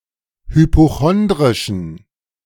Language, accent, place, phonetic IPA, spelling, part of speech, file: German, Germany, Berlin, [hypoˈxɔndʁɪʃn̩], hypochondrischen, adjective, De-hypochondrischen.ogg
- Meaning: inflection of hypochondrisch: 1. strong genitive masculine/neuter singular 2. weak/mixed genitive/dative all-gender singular 3. strong/weak/mixed accusative masculine singular 4. strong dative plural